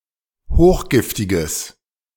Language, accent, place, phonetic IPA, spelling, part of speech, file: German, Germany, Berlin, [ˈhoːxˌɡɪftɪɡəs], hochgiftiges, adjective, De-hochgiftiges.ogg
- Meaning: strong/mixed nominative/accusative neuter singular of hochgiftig